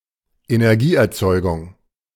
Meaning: power generation
- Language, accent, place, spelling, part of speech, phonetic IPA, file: German, Germany, Berlin, Energieerzeugung, noun, [enɛʁˈɡiːʔɛɐ̯ˌt͡sɔɪ̯ɡʊŋ], De-Energieerzeugung.ogg